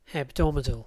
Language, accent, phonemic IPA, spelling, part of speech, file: English, UK, /hɛbˈdɒmədəl/, hebdomadal, adjective, En-uk-hebdomadal.ogg
- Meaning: 1. Lasting seven days 2. Weekly, occurring once a week